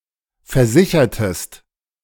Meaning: inflection of versichern: 1. second-person singular preterite 2. second-person singular subjunctive II
- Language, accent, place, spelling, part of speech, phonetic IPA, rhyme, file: German, Germany, Berlin, versichertest, verb, [fɛɐ̯ˈzɪçɐtəst], -ɪçɐtəst, De-versichertest.ogg